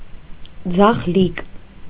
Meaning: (adjective) left-handed; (noun) left-hander, lefty
- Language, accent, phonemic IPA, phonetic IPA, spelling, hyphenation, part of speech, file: Armenian, Eastern Armenian, /d͡zɑχˈlik/, [d͡zɑχlík], ձախլիկ, ձախ‧լիկ, adjective / noun, Hy-ձախլիկ.ogg